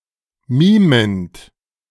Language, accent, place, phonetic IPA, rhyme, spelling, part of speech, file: German, Germany, Berlin, [ˈmiːmənt], -iːmənt, mimend, verb, De-mimend.ogg
- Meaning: present participle of mimen